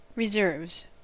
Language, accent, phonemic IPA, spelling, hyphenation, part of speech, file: English, US, /ɹɪˈzɝvz/, reserves, re‧serves, noun / verb, En-us-reserves.ogg
- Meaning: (noun) plural of reserve; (verb) third-person singular simple present indicative of reserve